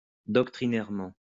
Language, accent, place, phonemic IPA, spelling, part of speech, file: French, France, Lyon, /dɔk.tʁi.nɛʁ.mɑ̃/, doctrinairement, adverb, LL-Q150 (fra)-doctrinairement.wav
- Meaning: 1. doctrinally 2. stubbornly